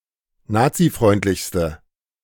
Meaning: inflection of nazifreundlich: 1. strong/mixed nominative/accusative feminine singular superlative degree 2. strong nominative/accusative plural superlative degree
- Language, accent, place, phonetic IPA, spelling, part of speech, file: German, Germany, Berlin, [ˈnaːt͡siˌfʁɔɪ̯ntlɪçstə], nazifreundlichste, adjective, De-nazifreundlichste.ogg